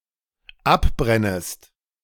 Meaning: second-person singular dependent subjunctive I of abbrennen
- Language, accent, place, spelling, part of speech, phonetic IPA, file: German, Germany, Berlin, abbrennest, verb, [ˈapˌbʁɛnəst], De-abbrennest.ogg